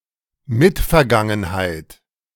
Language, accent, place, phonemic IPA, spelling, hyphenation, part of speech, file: German, Germany, Berlin, /ˈmɪtfɛɐ̯ˌɡaŋənhaɪ̯t/, Mitvergangenheit, Mit‧ver‧gan‧gen‧heit, noun, De-Mitvergangenheit.ogg
- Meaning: preterite